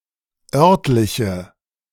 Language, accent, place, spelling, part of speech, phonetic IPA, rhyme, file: German, Germany, Berlin, örtliche, adjective, [ˈœʁtlɪçə], -œʁtlɪçə, De-örtliche.ogg
- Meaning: inflection of örtlich: 1. strong/mixed nominative/accusative feminine singular 2. strong nominative/accusative plural 3. weak nominative all-gender singular 4. weak accusative feminine/neuter singular